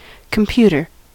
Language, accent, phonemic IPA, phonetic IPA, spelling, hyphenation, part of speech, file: English, US, /kəmˈpju.tɚ/, [kəmˈpjuɾɚ], computer, com‧put‧er, noun / verb, En-us-computer.ogg